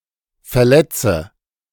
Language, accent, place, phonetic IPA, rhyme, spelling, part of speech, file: German, Germany, Berlin, [fɛɐ̯ˈlɛt͡sə], -ɛt͡sə, verletze, verb, De-verletze.ogg
- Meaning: inflection of verletzen: 1. first-person singular present 2. first/third-person singular subjunctive I 3. singular imperative